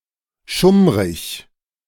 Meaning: dim (poorly lit)
- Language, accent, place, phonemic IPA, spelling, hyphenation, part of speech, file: German, Germany, Berlin, /ʃʊmʁɪç/, schummrig, schumm‧rig, adjective, De-schummrig.ogg